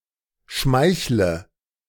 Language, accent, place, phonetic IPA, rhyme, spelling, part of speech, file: German, Germany, Berlin, [ˈʃmaɪ̯çlə], -aɪ̯çlə, schmeichle, verb, De-schmeichle.ogg
- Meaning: inflection of schmeicheln: 1. first-person singular present 2. first/third-person singular subjunctive I 3. singular imperative